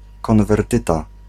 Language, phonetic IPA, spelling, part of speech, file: Polish, [ˌkɔ̃nvɛrˈtɨta], konwertyta, noun, Pl-konwertyta.ogg